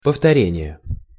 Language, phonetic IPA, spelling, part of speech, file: Russian, [pəftɐˈrʲenʲɪje], повторение, noun, Ru-повторение.ogg
- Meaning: repetition, revision (act or an instance of repeating or being repeated)